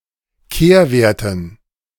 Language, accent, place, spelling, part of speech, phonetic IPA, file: German, Germany, Berlin, Kehrwerten, noun, [ˈkeːɐ̯ˌveːɐ̯tn̩], De-Kehrwerten.ogg
- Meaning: dative plural of Kehrwert